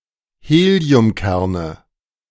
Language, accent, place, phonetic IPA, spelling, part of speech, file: German, Germany, Berlin, [ˈheːli̯ʊmˌkɛʁnə], Heliumkerne, noun, De-Heliumkerne.ogg
- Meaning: nominative/accusative/genitive plural of Heliumkern